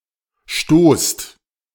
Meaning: inflection of stoßen: 1. second-person plural present 2. plural imperative
- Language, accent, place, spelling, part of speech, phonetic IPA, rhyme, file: German, Germany, Berlin, stoßt, verb, [ʃtoːst], -oːst, De-stoßt.ogg